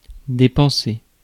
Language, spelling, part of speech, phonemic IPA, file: French, dépenser, verb, /de.pɑ̃.se/, Fr-dépenser.ogg
- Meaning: to spend (money)